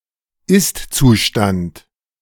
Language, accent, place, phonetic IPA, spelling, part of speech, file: German, Germany, Berlin, [ˈɪstt͡suˌʃtant], Istzustand, noun, De-Istzustand.ogg
- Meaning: actual state